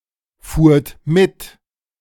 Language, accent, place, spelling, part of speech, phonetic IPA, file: German, Germany, Berlin, fuhrt mit, verb, [ˌfuːɐ̯t ˈmɪt], De-fuhrt mit.ogg
- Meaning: second-person plural preterite of mitfahren